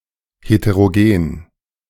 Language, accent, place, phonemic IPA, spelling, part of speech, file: German, Germany, Berlin, /hetəroˈɡeːn/, heterogen, adjective, De-heterogen.ogg
- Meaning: heterogeneous